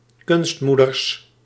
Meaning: plural of kunstmoeder
- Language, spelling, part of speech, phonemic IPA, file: Dutch, kunstmoeders, noun, /ˈkʏnstmudərs/, Nl-kunstmoeders.ogg